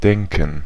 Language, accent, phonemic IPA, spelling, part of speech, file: German, Germany, /ˈdɛŋkən/, denken, verb, De-denken.ogg
- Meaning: 1. to think 2. not to forget; to remember 3. to imagine 4. to think, to believe, to assume, to conjecture